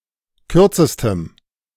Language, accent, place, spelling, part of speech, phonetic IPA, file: German, Germany, Berlin, kürzestem, adjective, [ˈkʏʁt͡səstəm], De-kürzestem.ogg
- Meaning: strong dative masculine/neuter singular superlative degree of kurz